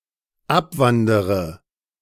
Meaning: inflection of abwandern: 1. first-person singular dependent present 2. first/third-person singular dependent subjunctive I
- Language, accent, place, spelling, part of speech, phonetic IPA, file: German, Germany, Berlin, abwandere, verb, [ˈapˌvandəʁə], De-abwandere.ogg